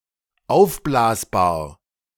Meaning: inflatable
- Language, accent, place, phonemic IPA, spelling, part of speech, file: German, Germany, Berlin, /ˈaʊ̯fˌblaːsbaːɐ̯/, aufblasbar, adjective, De-aufblasbar.ogg